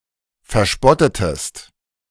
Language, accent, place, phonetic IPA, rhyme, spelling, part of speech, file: German, Germany, Berlin, [fɛɐ̯ˈʃpɔtətəst], -ɔtətəst, verspottetest, verb, De-verspottetest.ogg
- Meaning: inflection of verspotten: 1. second-person singular preterite 2. second-person singular subjunctive II